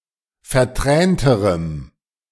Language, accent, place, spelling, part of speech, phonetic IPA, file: German, Germany, Berlin, vertränterem, adjective, [fɛɐ̯ˈtʁɛːntəʁəm], De-vertränterem.ogg
- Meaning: strong dative masculine/neuter singular comparative degree of vertränt